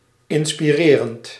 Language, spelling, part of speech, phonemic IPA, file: Dutch, inspirerend, verb / adjective, /ˌɪnspiˈrerənt/, Nl-inspirerend.ogg
- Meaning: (adjective) inspiring; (verb) present participle of inspireren